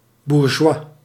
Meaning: bourgeois
- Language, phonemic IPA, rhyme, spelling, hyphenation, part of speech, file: Dutch, /burˈʒʋaː/, -aː, bourgeois, bour‧geois, noun, Nl-bourgeois.ogg